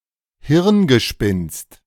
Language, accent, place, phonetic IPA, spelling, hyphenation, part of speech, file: German, Germany, Berlin, [ˈhɪʁnɡəˌʃpɪnst], Hirngespinst, Hirn‧ge‧spinst, noun, De-Hirngespinst.ogg
- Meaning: 1. chimera, fantasy 2. pipe dream